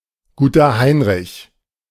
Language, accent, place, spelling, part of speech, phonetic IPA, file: German, Germany, Berlin, Guter Heinrich, phrase, [ˌɡuːtɐ ˈhaɪ̯nʁɪç], De-Guter Heinrich.ogg
- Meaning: Good King Henry, Lincolnshire spinach (perennial plant)